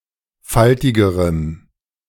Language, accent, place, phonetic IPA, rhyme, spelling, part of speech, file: German, Germany, Berlin, [ˈfaltɪɡəʁəm], -altɪɡəʁəm, faltigerem, adjective, De-faltigerem.ogg
- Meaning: strong dative masculine/neuter singular comparative degree of faltig